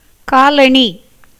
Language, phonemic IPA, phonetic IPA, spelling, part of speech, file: Tamil, /kɑːlɐɳiː/, [käːlɐɳiː], காலணி, noun, Ta-காலணி.ogg
- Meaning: 1. shoe, slipper 2. footwear (such as sandal, shoes, etc.) 3. ornaments such as anklets, rings, etc. worn on the foot or ankle (usually by women)